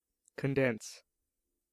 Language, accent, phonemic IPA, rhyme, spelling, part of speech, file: English, US, /kənˈdɛns/, -ɛns, condense, verb / adjective, En-us-condense.ogg
- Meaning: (verb) 1. To concentrate toward the essence by making more close, compact, or dense, thereby decreasing size or volume 2. To transform from a gaseous state into a liquid state via condensation